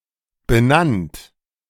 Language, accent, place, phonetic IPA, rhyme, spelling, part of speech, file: German, Germany, Berlin, [bəˈnant], -ant, benannt, verb, De-benannt.ogg
- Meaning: past participle of benennen